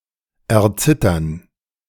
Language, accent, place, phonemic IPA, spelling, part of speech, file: German, Germany, Berlin, /ɛɐˈt͡sɪtɐn/, erzittern, verb, De-erzittern.ogg
- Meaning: to tremble, quake